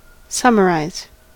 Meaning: 1. To prepare a summary of (something) 2. To give a recapitulation of the salient facts; to recapitulate or review
- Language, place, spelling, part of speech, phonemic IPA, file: English, California, summarize, verb, /ˈsʌməˌɹaɪz/, En-us-summarize.ogg